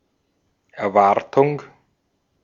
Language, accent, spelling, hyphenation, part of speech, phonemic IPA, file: German, Austria, Erwartung, Er‧war‧tung, noun, /ɛɐ̯ˈvaʁtʊŋ(k)/, De-at-Erwartung.ogg
- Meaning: expectation, expectancy